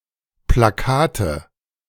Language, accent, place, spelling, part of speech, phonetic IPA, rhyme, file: German, Germany, Berlin, Plakate, noun, [plaˈkaːtə], -aːtə, De-Plakate.ogg
- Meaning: nominative/accusative/genitive plural of Plakat